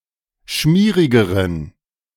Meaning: inflection of schmierig: 1. strong genitive masculine/neuter singular comparative degree 2. weak/mixed genitive/dative all-gender singular comparative degree
- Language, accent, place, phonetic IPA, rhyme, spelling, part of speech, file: German, Germany, Berlin, [ˈʃmiːʁɪɡəʁən], -iːʁɪɡəʁən, schmierigeren, adjective, De-schmierigeren.ogg